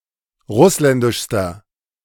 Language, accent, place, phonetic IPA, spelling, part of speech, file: German, Germany, Berlin, [ˈʁʊslɛndɪʃstɐ], russländischster, adjective, De-russländischster.ogg
- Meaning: inflection of russländisch: 1. strong/mixed nominative masculine singular superlative degree 2. strong genitive/dative feminine singular superlative degree 3. strong genitive plural superlative degree